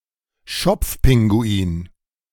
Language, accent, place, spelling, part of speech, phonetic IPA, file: German, Germany, Berlin, Schopfpinguin, noun, [ˈʃɔp͡fˌpɪŋɡuiːn], De-Schopfpinguin.ogg
- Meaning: crested penguin